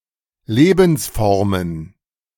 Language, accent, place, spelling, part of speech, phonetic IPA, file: German, Germany, Berlin, Lebensformen, noun, [ˈleːbn̩sˌfɔʁmən], De-Lebensformen.ogg
- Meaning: plural of Lebensform